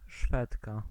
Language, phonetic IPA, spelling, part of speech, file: Polish, [ˈʃfɛtka], Szwedka, noun, Pl-Szwedka.ogg